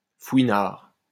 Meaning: nosey parker, peeping tom
- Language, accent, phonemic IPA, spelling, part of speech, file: French, France, /fwi.naʁ/, fouinard, noun, LL-Q150 (fra)-fouinard.wav